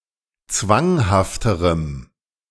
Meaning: strong dative masculine/neuter singular comparative degree of zwanghaft
- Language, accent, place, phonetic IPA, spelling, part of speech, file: German, Germany, Berlin, [ˈt͡svaŋhaftəʁəm], zwanghafterem, adjective, De-zwanghafterem.ogg